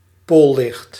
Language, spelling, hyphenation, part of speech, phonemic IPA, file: Dutch, poollicht, pool‧licht, noun, /ˈpolɪxt/, Nl-poollicht.ogg
- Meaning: aurora